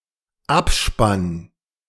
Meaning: end credits
- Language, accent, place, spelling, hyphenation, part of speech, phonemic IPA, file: German, Germany, Berlin, Abspann, Ab‧spann, noun, /ˈapˌʃpan/, De-Abspann.ogg